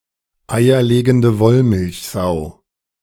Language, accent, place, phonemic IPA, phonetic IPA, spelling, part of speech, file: German, Germany, Berlin, /ˌaɪ̯ɐ.leːɡəndə ˈvɔl.mɪlç.zaʊ̯/, [ˌaɪ̯ɐ.leːɡn̩də ˈvɔl.mɪlç.zaʊ̯], eierlegende Wollmilchsau, noun, De-eierlegende Wollmilchsau.ogg
- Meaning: an all-in-one device or person which has (or claims to have) only positive attributes and which can (or attempts to) do the work of several specialized tools